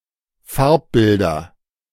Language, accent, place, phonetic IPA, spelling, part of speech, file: German, Germany, Berlin, [ˈfaʁpˌbɪldɐ], Farbbilder, noun, De-Farbbilder.ogg
- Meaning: nominative/accusative/genitive plural of Farbbild